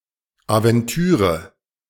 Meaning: adventure
- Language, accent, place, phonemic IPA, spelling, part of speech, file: German, Germany, Berlin, /avɛnˈtyːʁə/, Aventüre, noun, De-Aventüre.ogg